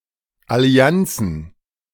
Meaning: plural of Allianz
- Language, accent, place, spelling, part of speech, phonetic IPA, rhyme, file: German, Germany, Berlin, Allianzen, noun, [aˈli̯ant͡sn̩], -ant͡sn̩, De-Allianzen.ogg